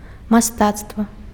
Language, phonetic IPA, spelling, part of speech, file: Belarusian, [maˈstat͡stva], мастацтва, noun, Be-мастацтва.ogg
- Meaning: art, arts